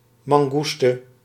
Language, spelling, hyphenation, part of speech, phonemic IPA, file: Dutch, mangoeste, man‧goes‧te, noun, /ˌmɑŋˈɣus.tə/, Nl-mangoeste.ogg
- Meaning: mongoose, any member of the family Herpestidae